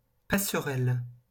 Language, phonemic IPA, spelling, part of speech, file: French, /pa.sʁɛl/, passerelle, noun, LL-Q150 (fra)-passerelle.wav
- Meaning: 1. footbridge 2. bridge 3. gangway, bridge 4. gateway 5. bridging program, bridging course